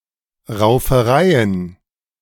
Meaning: plural of Rauferei
- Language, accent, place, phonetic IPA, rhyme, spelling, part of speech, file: German, Germany, Berlin, [ʁaʊ̯fəˈʁaɪ̯ən], -aɪ̯ən, Raufereien, noun, De-Raufereien.ogg